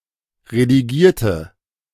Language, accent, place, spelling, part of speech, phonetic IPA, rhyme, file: German, Germany, Berlin, redigierte, adjective / verb, [ʁediˈɡiːɐ̯tə], -iːɐ̯tə, De-redigierte.ogg
- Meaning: inflection of redigieren: 1. first/third-person singular preterite 2. first/third-person singular subjunctive II